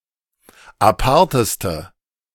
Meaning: inflection of apart: 1. strong/mixed nominative/accusative feminine singular superlative degree 2. strong nominative/accusative plural superlative degree
- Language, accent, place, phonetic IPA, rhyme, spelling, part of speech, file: German, Germany, Berlin, [aˈpaʁtəstə], -aʁtəstə, aparteste, adjective, De-aparteste.ogg